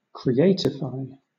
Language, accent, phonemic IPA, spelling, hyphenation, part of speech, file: English, Southern England, /kɹiˈeɪtɪfaɪ/, creatify, cre‧at‧i‧fy, verb, LL-Q1860 (eng)-creatify.wav
- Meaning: To render more creative; to creativize